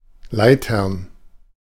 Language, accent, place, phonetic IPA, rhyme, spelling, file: German, Germany, Berlin, [ˈlaɪ̯tɐn], -aɪ̯tɐn, Leitern, De-Leitern.ogg
- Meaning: plural of Leiter "ladders"